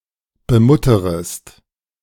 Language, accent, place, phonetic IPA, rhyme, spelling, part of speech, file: German, Germany, Berlin, [bəˈmʊtəʁəst], -ʊtəʁəst, bemutterest, verb, De-bemutterest.ogg
- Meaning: second-person singular subjunctive I of bemuttern